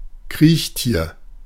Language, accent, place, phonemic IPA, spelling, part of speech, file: German, Germany, Berlin, /ˈkʁiːçˌtiːɐ̯/, Kriechtier, noun, De-Kriechtier.ogg
- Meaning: 1. reptile 2. any crawling or creeping animal, i.e. one whose body touches (or almost touches) the ground when it moves